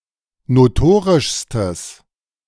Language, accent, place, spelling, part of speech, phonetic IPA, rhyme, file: German, Germany, Berlin, notorischstes, adjective, [noˈtoːʁɪʃstəs], -oːʁɪʃstəs, De-notorischstes.ogg
- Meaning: strong/mixed nominative/accusative neuter singular superlative degree of notorisch